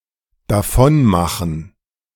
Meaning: to leave, slip away, scram
- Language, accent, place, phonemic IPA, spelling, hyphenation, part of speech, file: German, Germany, Berlin, /daˈfɔnˌmaxn̩/, davonmachen, da‧von‧ma‧chen, verb, De-davonmachen.ogg